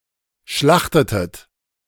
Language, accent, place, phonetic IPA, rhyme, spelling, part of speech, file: German, Germany, Berlin, [ˈʃlaxtətət], -axtətət, schlachtetet, verb, De-schlachtetet.ogg
- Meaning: inflection of schlachten: 1. second-person plural preterite 2. second-person plural subjunctive II